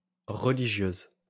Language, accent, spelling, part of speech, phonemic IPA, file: French, France, religieuse, adjective / noun, /ʁə.li.ʒjøz/, LL-Q150 (fra)-religieuse.wav
- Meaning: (adjective) feminine singular of religieux; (noun) 1. nun, female religious 2. religieuse (pastry)